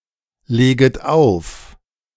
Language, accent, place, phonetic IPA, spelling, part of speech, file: German, Germany, Berlin, [ˌleːɡət ˈaʊ̯f], leget auf, verb, De-leget auf.ogg
- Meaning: second-person plural subjunctive I of auflegen